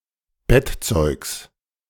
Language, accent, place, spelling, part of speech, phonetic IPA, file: German, Germany, Berlin, Bettzeugs, noun, [ˈbɛtˌt͡sɔɪ̯ks], De-Bettzeugs.ogg
- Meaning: genitive of Bettzeug